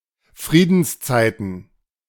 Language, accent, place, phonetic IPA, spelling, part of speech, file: German, Germany, Berlin, [ˈfʁiːdn̩sˌt͡saɪ̯tn̩], Friedenszeiten, noun, De-Friedenszeiten.ogg
- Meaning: plural of Friedenszeit